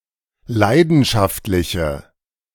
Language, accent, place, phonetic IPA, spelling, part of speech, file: German, Germany, Berlin, [ˈlaɪ̯dn̩ʃaftlɪçə], leidenschaftliche, adjective, De-leidenschaftliche.ogg
- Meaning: inflection of leidenschaftlich: 1. strong/mixed nominative/accusative feminine singular 2. strong nominative/accusative plural 3. weak nominative all-gender singular